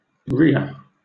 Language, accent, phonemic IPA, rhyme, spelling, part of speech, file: English, Southern England, /ˈɹiːə/, -iːə, rhea, noun, LL-Q1860 (eng)-rhea.wav
- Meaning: A large flightless bird of the order Rheiformes, native to South America